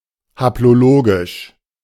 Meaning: haplologic
- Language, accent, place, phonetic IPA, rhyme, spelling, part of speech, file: German, Germany, Berlin, [haploˈloːɡɪʃ], -oːɡɪʃ, haplologisch, adjective, De-haplologisch.ogg